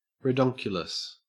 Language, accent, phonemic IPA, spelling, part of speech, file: English, Australia, /ɹɪˈdɒŋkjʊləs/, ridonkulous, adjective, En-au-ridonkulous.ogg
- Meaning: ridiculous